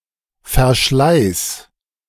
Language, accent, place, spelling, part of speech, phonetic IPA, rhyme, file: German, Germany, Berlin, verschleiß, verb, [fɛɐ̯ˈʃlaɪ̯s], -aɪ̯s, De-verschleiß.ogg
- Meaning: singular imperative of verschleißen